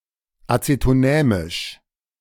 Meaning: acetonemic
- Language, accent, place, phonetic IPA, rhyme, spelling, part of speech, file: German, Germany, Berlin, [ˌat͡setoˈnɛːmɪʃ], -ɛːmɪʃ, acetonämisch, adjective, De-acetonämisch.ogg